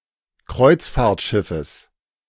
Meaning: genitive singular of Kreuzfahrtschiff
- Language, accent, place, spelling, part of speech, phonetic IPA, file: German, Germany, Berlin, Kreuzfahrtschiffes, noun, [ˈkʁɔɪ̯t͡sfaːɐ̯tˌʃɪfəs], De-Kreuzfahrtschiffes.ogg